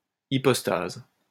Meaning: hypostasis
- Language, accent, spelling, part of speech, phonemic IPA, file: French, France, hypostase, noun, /i.pɔs.taz/, LL-Q150 (fra)-hypostase.wav